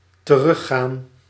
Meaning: to return, go back
- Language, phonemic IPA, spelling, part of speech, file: Dutch, /təˈrʏxaːn/, teruggaan, verb, Nl-teruggaan.ogg